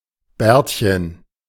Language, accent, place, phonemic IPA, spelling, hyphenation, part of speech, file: German, Germany, Berlin, /ˈbɛ(ː)ɐ̯tçən/, Bärtchen, Bärt‧chen, noun, De-Bärtchen.ogg
- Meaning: diminutive of Bart